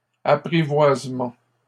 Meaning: taming (of an animal etc)
- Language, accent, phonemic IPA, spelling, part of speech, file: French, Canada, /a.pʁi.vwaz.mɑ̃/, apprivoisement, noun, LL-Q150 (fra)-apprivoisement.wav